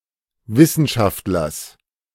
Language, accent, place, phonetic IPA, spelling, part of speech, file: German, Germany, Berlin, [ˈvɪsn̩ˌʃaftlɐs], Wissenschaftlers, noun, De-Wissenschaftlers.ogg
- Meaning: genitive singular of Wissenschaftler